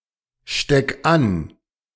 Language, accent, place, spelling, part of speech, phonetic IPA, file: German, Germany, Berlin, steck an, verb, [ˌʃtɛk ˈan], De-steck an.ogg
- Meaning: 1. singular imperative of anstecken 2. first-person singular present of anstecken